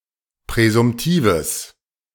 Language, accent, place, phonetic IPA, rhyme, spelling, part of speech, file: German, Germany, Berlin, [pʁɛzʊmˈtiːvəs], -iːvəs, präsumtives, adjective, De-präsumtives.ogg
- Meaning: strong/mixed nominative/accusative neuter singular of präsumtiv